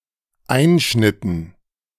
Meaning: dative plural of Einschnitt
- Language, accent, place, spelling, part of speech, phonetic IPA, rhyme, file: German, Germany, Berlin, Einschnitten, noun, [ˈaɪ̯nʃnɪtn̩], -aɪ̯nʃnɪtn̩, De-Einschnitten.ogg